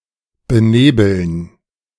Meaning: to stupefy (to dull the capacity to think)
- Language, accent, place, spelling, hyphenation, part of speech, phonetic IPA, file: German, Germany, Berlin, benebeln, be‧ne‧beln, verb, [bəˈneːbl̩n], De-benebeln.ogg